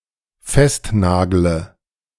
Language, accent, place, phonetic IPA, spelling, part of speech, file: German, Germany, Berlin, [ˈfɛstˌnaːɡlə], festnagle, verb, De-festnagle.ogg
- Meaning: inflection of festnageln: 1. first-person singular dependent present 2. first/third-person singular dependent subjunctive I